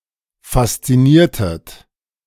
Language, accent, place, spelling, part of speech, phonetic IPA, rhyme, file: German, Germany, Berlin, fasziniertet, verb, [fast͡siˈniːɐ̯tət], -iːɐ̯tət, De-fasziniertet.ogg
- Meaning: inflection of faszinieren: 1. second-person plural preterite 2. second-person plural subjunctive II